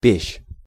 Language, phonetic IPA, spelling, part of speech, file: Russian, [pʲeɕː], пещь, noun, Ru-пещь.ogg
- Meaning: oven, furnace (especially in religious contexts)